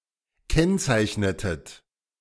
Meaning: inflection of kennzeichnen: 1. second-person plural preterite 2. second-person plural subjunctive II
- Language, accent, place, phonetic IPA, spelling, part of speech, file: German, Germany, Berlin, [ˈkɛnt͡saɪ̯çnətət], kennzeichnetet, verb, De-kennzeichnetet.ogg